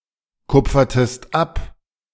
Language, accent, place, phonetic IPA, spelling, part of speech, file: German, Germany, Berlin, [ˌkʊp͡fɐtəst ˈap], kupfertest ab, verb, De-kupfertest ab.ogg
- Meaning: inflection of abkupfern: 1. second-person singular preterite 2. second-person singular subjunctive II